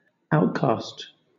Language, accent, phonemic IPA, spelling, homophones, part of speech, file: English, Southern England, /ˈaʊtkɑːst/, outcast, outcaste, verb / adjective / noun, LL-Q1860 (eng)-outcast.wav
- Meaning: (verb) To cast out; to banish; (adjective) That has been cast out; banished, ostracized; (noun) One that has been excluded from a society or a system, a pariah, a leper